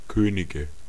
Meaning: 1. dative singular of König 2. nominative/genitive/accusative plural of König
- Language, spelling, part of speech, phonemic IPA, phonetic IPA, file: German, Könige, noun, /ˈkøː.nɪ.ɡə/, [ˈkʰøː.nɪ.ɡə], De-Könige.ogg